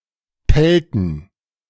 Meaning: inflection of pellen: 1. first/third-person plural preterite 2. first/third-person plural subjunctive II
- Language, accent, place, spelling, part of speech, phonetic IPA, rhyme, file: German, Germany, Berlin, pellten, verb, [ˈpɛltn̩], -ɛltn̩, De-pellten.ogg